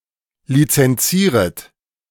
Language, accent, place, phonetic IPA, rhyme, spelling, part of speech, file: German, Germany, Berlin, [lit͡sɛnˈt͡siːʁət], -iːʁət, lizenzieret, verb, De-lizenzieret.ogg
- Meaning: second-person plural subjunctive I of lizenzieren